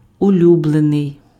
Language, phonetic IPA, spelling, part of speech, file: Ukrainian, [ʊˈlʲubɫenei̯], улюблений, adjective, Uk-улюблений.ogg
- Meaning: favorite